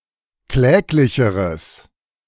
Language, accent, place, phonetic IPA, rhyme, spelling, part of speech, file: German, Germany, Berlin, [ˈklɛːklɪçəʁəs], -ɛːklɪçəʁəs, kläglicheres, adjective, De-kläglicheres.ogg
- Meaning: strong/mixed nominative/accusative neuter singular comparative degree of kläglich